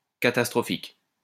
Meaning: catastrophic
- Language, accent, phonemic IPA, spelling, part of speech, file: French, France, /ka.tas.tʁɔ.fik/, catastrophique, adjective, LL-Q150 (fra)-catastrophique.wav